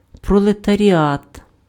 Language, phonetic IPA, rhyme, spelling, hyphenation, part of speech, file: Ukrainian, [prɔɫetɐrʲiˈat], -at, пролетаріат, про‧ле‧та‧рі‧ат, noun, Uk-пролетаріат.ogg
- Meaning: proletariat